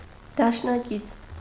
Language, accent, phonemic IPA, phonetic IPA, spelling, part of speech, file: Armenian, Eastern Armenian, /dɑʃnɑˈkit͡sʰ/, [dɑʃnɑkít͡sʰ], դաշնակից, noun / adjective, Hy-դաշնակից.ogg
- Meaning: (noun) ally; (adjective) allied, confederate